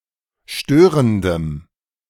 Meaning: strong dative masculine/neuter singular of störend
- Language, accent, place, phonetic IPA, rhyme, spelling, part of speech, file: German, Germany, Berlin, [ˈʃtøːʁəndəm], -øːʁəndəm, störendem, adjective, De-störendem.ogg